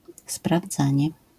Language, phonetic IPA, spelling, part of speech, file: Polish, [spravˈd͡zãɲɛ], sprawdzanie, noun, LL-Q809 (pol)-sprawdzanie.wav